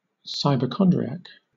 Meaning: A hypochondriac (“person with an excessive preoccupation or worry about having a serious illness”) who researches their potential medical condition on the Internet
- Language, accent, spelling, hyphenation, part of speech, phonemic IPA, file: English, Southern England, cyberchondriac, cy‧ber‧chon‧dri‧ac, noun, /ˌsaɪbəˈkɒndɹɪæk/, LL-Q1860 (eng)-cyberchondriac.wav